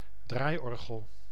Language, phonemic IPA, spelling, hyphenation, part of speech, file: Dutch, /ˈdraːi̯ˌɔr.ɣəl/, draaiorgel, draai‧or‧gel, noun, Nl-draaiorgel.ogg
- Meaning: barrel organ